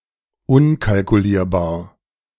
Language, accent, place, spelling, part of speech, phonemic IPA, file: German, Germany, Berlin, unkalkulierbar, adjective, /ˈʊnkalkuˌliːɐ̯baːɐ̯/, De-unkalkulierbar.ogg
- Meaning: incalculable